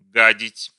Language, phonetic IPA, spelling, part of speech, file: Russian, [ˈɡadʲɪtʲ], гадить, verb, Ru-гадить.ogg
- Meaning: 1. to defecate, to shit, to take a dump 2. to soil, to sully, to defile 3. to do mischief, to play dirty tricks on